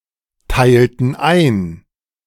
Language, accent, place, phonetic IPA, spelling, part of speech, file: German, Germany, Berlin, [ˌtaɪ̯ltn̩ ˈaɪ̯n], teilten ein, verb, De-teilten ein.ogg
- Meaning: inflection of einteilen: 1. first/third-person plural preterite 2. first/third-person plural subjunctive II